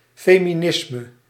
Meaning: feminism
- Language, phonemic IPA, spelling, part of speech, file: Dutch, /ˌfemiˈnɪsmə/, feminisme, noun, Nl-feminisme.ogg